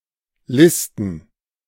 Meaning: to list
- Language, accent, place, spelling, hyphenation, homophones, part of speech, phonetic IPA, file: German, Germany, Berlin, listen, lis‧ten, Listen, verb, [ˈlɪstn̩], De-listen.ogg